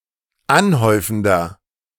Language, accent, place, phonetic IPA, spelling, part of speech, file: German, Germany, Berlin, [ˈanˌhɔɪ̯fn̩dɐ], anhäufender, adjective, De-anhäufender.ogg
- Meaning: inflection of anhäufend: 1. strong/mixed nominative masculine singular 2. strong genitive/dative feminine singular 3. strong genitive plural